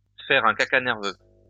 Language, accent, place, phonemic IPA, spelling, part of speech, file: French, France, Lyon, /fɛʁ œ̃ ka.ka nɛʁ.vø/, faire un caca nerveux, verb, LL-Q150 (fra)-faire un caca nerveux.wav
- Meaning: to have a shit fit, to throw a tantrum, to get one's knickers in a twist, to get one's panties in a bunch (over something trivial)